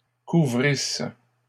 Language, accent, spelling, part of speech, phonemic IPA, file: French, Canada, couvrisses, verb, /ku.vʁis/, LL-Q150 (fra)-couvrisses.wav
- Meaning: second-person singular imperfect subjunctive of couvrir